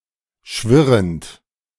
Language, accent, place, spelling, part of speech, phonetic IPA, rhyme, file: German, Germany, Berlin, schwirrend, verb, [ˈʃvɪʁənt], -ɪʁənt, De-schwirrend.ogg
- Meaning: present participle of schwirren